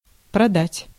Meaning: 1. to sell 2. to sell out, to betray
- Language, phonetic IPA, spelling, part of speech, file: Russian, [prɐˈdatʲ], продать, verb, Ru-продать.ogg